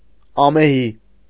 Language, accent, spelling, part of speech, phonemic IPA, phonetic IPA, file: Armenian, Eastern Armenian, ամեհի, adjective, /ɑmeˈhi/, [ɑmehí], Hy-ամեհի.ogg
- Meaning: fierce, ferocious, savage, wild, unruly, untameable, raging, furious, ungovernable, violent